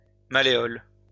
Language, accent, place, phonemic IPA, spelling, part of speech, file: French, France, Lyon, /ma.le.ɔl/, malléole, noun, LL-Q150 (fra)-malléole.wav
- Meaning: malleolus